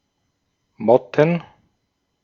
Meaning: plural of Motte
- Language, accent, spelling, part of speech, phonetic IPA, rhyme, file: German, Austria, Motten, noun, [ˈmɔtn̩], -ɔtn̩, De-at-Motten.ogg